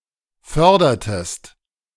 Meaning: inflection of fördern: 1. second-person singular preterite 2. second-person singular subjunctive II
- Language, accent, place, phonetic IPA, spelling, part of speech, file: German, Germany, Berlin, [ˈfœʁdɐtəst], fördertest, verb, De-fördertest.ogg